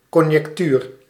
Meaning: conjecture
- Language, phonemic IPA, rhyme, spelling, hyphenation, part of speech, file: Dutch, /kɔn.jɛkˈtyːr/, -yːr, conjectuur, con‧jec‧tuur, noun, Nl-conjectuur.ogg